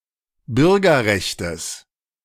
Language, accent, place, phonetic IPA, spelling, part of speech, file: German, Germany, Berlin, [ˈbʏʁɡɐˌʁɛçtəs], Bürgerrechtes, noun, De-Bürgerrechtes.ogg
- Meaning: genitive singular of Bürgerrecht